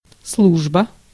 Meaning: 1. service 2. employment, job 3. office, work, post 4. duty 5. divine service
- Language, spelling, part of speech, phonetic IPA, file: Russian, служба, noun, [ˈsɫuʐbə], Ru-служба.ogg